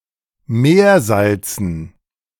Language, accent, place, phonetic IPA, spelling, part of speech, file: German, Germany, Berlin, [ˈmeːɐ̯ˌzalt͡sn̩], Meersalzen, noun, De-Meersalzen.ogg
- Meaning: dative plural of Meersalz